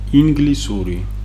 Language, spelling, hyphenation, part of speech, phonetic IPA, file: Georgian, ინგლისური, ინ‧გლი‧სუ‧რი, adjective / proper noun, [iŋɡlisuɾi], Ka-ინგლისური.ogg
- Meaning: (adjective) English (inanimate things and non-human animals); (proper noun) English language